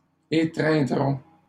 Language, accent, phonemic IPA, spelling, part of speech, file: French, Canada, /e.tʁɛ̃.dʁɔ̃/, étreindrons, verb, LL-Q150 (fra)-étreindrons.wav
- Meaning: first-person plural future of étreindre